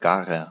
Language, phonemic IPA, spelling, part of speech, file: German, /ˈɡaːʁɐ/, garer, adjective, De-garer.ogg
- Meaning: inflection of gar: 1. strong/mixed nominative masculine singular 2. strong genitive/dative feminine singular 3. strong genitive plural